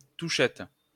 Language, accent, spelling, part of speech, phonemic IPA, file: French, France, touchette, noun, /tu.ʃɛt/, LL-Q150 (fra)-touchette.wav
- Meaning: 1. fret (on a guitar etc) 2. an invalid touch 3. a slight bump with another car 4. a touch of the hooves on the obstacle that does not make it fall